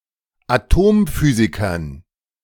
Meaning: dative plural of Atomphysiker
- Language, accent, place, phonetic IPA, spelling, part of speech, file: German, Germany, Berlin, [aˈtoːmˌfyːzɪkɐn], Atomphysikern, noun, De-Atomphysikern.ogg